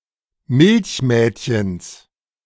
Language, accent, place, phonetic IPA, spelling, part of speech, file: German, Germany, Berlin, [ˈmɪlçˌmɛːtçəns], Milchmädchens, noun, De-Milchmädchens.ogg
- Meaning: genitive singular of Milchmädchen